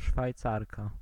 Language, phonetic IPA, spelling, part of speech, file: Polish, [ʃfajˈt͡sarka], Szwajcarka, noun, Pl-Szwajcarka.ogg